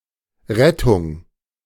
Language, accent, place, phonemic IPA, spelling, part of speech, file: German, Germany, Berlin, /ˈʁɛtʊŋ/, Rettung, noun, De-Rettung.ogg
- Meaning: 1. rescue 2. rescue service; emergency service 3. ambulance